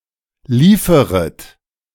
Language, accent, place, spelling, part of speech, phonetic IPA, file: German, Germany, Berlin, lieferet, verb, [ˈliːfəʁət], De-lieferet.ogg
- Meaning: second-person plural subjunctive I of liefern